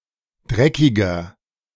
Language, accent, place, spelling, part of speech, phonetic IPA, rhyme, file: German, Germany, Berlin, dreckiger, adjective, [ˈdʁɛkɪɡɐ], -ɛkɪɡɐ, De-dreckiger.ogg
- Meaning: 1. comparative degree of dreckig 2. inflection of dreckig: strong/mixed nominative masculine singular 3. inflection of dreckig: strong genitive/dative feminine singular